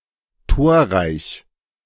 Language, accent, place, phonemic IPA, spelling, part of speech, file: German, Germany, Berlin, /ˈtoːɐ̯ˌʁaɪ̯ç/, torreich, adjective, De-torreich.ogg
- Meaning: high-scoring, goal-rich